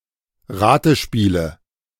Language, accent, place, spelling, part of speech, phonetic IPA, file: German, Germany, Berlin, Ratespiele, noun, [ˈʁaːtəˌʃpiːlə], De-Ratespiele.ogg
- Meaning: nominative/accusative/genitive plural of Ratespiel